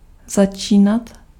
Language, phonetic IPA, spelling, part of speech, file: Czech, [ˈzat͡ʃiːnat], začínat, verb, Cs-začínat.ogg
- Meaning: imperfective form of začít